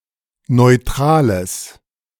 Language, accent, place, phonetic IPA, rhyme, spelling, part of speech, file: German, Germany, Berlin, [nɔɪ̯ˈtʁaːləs], -aːləs, neutrales, adjective, De-neutrales.ogg
- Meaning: strong/mixed nominative/accusative neuter singular of neutral